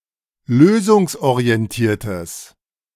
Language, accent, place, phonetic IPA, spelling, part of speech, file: German, Germany, Berlin, [ˈløːzʊŋsʔoʁiɛnˌtiːɐ̯təs], lösungsorientiertes, adjective, De-lösungsorientiertes.ogg
- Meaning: strong/mixed nominative/accusative neuter singular of lösungsorientiert